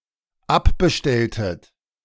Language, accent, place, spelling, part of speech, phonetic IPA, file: German, Germany, Berlin, abbestelltet, verb, [ˈapbəˌʃtɛltət], De-abbestelltet.ogg
- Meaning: inflection of abbestellen: 1. second-person plural dependent preterite 2. second-person plural dependent subjunctive II